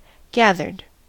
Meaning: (verb) simple past and past participle of gather; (adjective) focused, centered, achieving a state of shared mysticism
- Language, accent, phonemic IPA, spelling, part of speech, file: English, General American, /ˈɡæðɚd/, gathered, verb / adjective, En-us-gathered.ogg